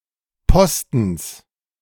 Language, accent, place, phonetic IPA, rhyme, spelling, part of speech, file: German, Germany, Berlin, [ˈpɔstn̩s], -ɔstn̩s, Postens, noun, De-Postens.ogg
- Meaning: genitive singular of Posten